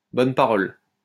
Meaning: word, gospel, message
- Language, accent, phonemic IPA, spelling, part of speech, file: French, France, /bɔn pa.ʁɔl/, bonne parole, noun, LL-Q150 (fra)-bonne parole.wav